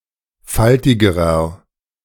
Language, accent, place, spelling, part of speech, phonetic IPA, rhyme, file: German, Germany, Berlin, faltigerer, adjective, [ˈfaltɪɡəʁɐ], -altɪɡəʁɐ, De-faltigerer.ogg
- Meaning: inflection of faltig: 1. strong/mixed nominative masculine singular comparative degree 2. strong genitive/dative feminine singular comparative degree 3. strong genitive plural comparative degree